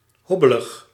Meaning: bumpy
- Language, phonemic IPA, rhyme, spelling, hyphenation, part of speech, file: Dutch, /ˈɦɔ.bə.ləx/, -ɔbələx, hobbelig, hob‧be‧lig, adjective, Nl-hobbelig.ogg